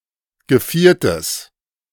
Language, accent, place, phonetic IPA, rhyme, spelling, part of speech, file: German, Germany, Berlin, [ɡəˈfiːɐ̯təs], -iːɐ̯təs, Geviertes, noun, De-Geviertes.ogg
- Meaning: genitive singular of Geviert